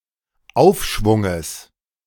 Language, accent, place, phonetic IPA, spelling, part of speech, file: German, Germany, Berlin, [ˈaʊ̯fˌʃvʊŋəs], Aufschwunges, noun, De-Aufschwunges.ogg
- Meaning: genitive singular of Aufschwung